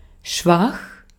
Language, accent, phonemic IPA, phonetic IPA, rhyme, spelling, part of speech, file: German, Austria, /ˈʃvax/, [ˈʃʋaχ], -ax, schwach, adjective, De-at-schwach.ogg
- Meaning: 1. weak, lacking in strength 2. weak